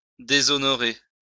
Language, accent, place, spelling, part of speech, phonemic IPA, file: French, France, Lyon, déshonorer, verb, /de.zɔ.nɔ.ʁe/, LL-Q150 (fra)-déshonorer.wav
- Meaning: to dishonor